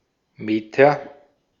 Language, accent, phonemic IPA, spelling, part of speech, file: German, Austria, /ˈmeːtɐ/, Meter, noun, De-at-Meter.ogg
- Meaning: meter (unit of length)